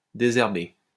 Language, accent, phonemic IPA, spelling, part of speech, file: French, France, /de.zɛʁ.be/, désherber, verb, LL-Q150 (fra)-désherber.wav
- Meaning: to weed (remove weeds from)